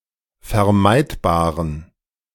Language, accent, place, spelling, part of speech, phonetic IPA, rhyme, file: German, Germany, Berlin, vermeidbaren, adjective, [fɛɐ̯ˈmaɪ̯tbaːʁən], -aɪ̯tbaːʁən, De-vermeidbaren.ogg
- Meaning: inflection of vermeidbar: 1. strong genitive masculine/neuter singular 2. weak/mixed genitive/dative all-gender singular 3. strong/weak/mixed accusative masculine singular 4. strong dative plural